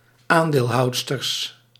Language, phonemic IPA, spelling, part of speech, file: Dutch, /ˈandelˌhɑudstərs/, aandeelhoudsters, noun, Nl-aandeelhoudsters.ogg
- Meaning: plural of aandeelhoudster